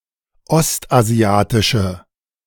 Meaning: inflection of ostasiatisch: 1. strong/mixed nominative/accusative feminine singular 2. strong nominative/accusative plural 3. weak nominative all-gender singular
- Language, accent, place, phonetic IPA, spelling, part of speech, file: German, Germany, Berlin, [ˈɔstʔaˌzi̯aːtɪʃə], ostasiatische, adjective, De-ostasiatische.ogg